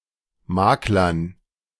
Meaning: dative plural of Makler
- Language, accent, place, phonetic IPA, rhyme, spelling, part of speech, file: German, Germany, Berlin, [ˈmaːklɐn], -aːklɐn, Maklern, noun, De-Maklern.ogg